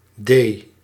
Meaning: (character) The fourth letter of the Dutch alphabet, written in the Latin script; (noun) abbreviation of dame (“queen”)
- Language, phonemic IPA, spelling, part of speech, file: Dutch, /deː/, D, character / noun, Nl-D.ogg